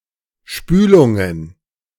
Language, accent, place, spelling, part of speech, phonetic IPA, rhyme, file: German, Germany, Berlin, Spülungen, noun, [ˈʃpyːlʊŋən], -yːlʊŋən, De-Spülungen.ogg
- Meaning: plural of Spülung